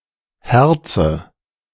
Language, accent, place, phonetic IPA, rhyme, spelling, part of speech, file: German, Germany, Berlin, [ˈhɛʁt͡sə], -ɛʁt͡sə, herze, verb, De-herze.ogg
- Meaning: inflection of herzen: 1. first-person singular present 2. first/third-person singular subjunctive I 3. singular imperative